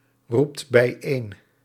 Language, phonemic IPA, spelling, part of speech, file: Dutch, /ˈrupt bɛiˈen/, roept bijeen, verb, Nl-roept bijeen.ogg
- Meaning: inflection of bijeenroepen: 1. second/third-person singular present indicative 2. plural imperative